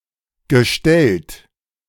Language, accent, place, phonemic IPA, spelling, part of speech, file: German, Germany, Berlin, /ɡəˈʃtɛlt/, gestellt, verb / adjective, De-gestellt.ogg
- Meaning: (verb) past participle of stellen; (adjective) staged; contrived; faked